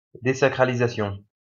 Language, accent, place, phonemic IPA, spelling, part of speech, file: French, France, Lyon, /de.sa.kʁa.li.za.sjɔ̃/, désacralisation, noun, LL-Q150 (fra)-désacralisation.wav
- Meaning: desecration